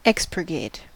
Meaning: To edit out (incorrect, offensive, or otherwise undesirable information) from a book or other publication; to cleanse; to purge
- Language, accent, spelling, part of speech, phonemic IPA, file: English, US, expurgate, verb, /ˈɛks.pɚ.ɡeɪt/, En-us-expurgate.ogg